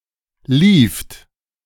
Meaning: second-person plural preterite of laufen
- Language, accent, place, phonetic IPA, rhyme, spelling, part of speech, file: German, Germany, Berlin, [liːft], -iːft, lieft, verb, De-lieft.ogg